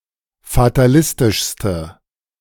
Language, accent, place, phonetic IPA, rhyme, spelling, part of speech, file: German, Germany, Berlin, [fataˈlɪstɪʃstə], -ɪstɪʃstə, fatalistischste, adjective, De-fatalistischste.ogg
- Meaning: inflection of fatalistisch: 1. strong/mixed nominative/accusative feminine singular superlative degree 2. strong nominative/accusative plural superlative degree